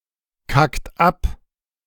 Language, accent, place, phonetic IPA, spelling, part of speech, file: German, Germany, Berlin, [ˌkakt ˈap], kackt ab, verb, De-kackt ab.ogg
- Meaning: inflection of abkacken: 1. third-person singular present 2. second-person plural present 3. plural imperative